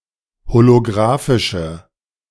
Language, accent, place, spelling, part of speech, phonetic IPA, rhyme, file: German, Germany, Berlin, holografische, adjective, [holoˈɡʁaːfɪʃə], -aːfɪʃə, De-holografische.ogg
- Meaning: inflection of holografisch: 1. strong/mixed nominative/accusative feminine singular 2. strong nominative/accusative plural 3. weak nominative all-gender singular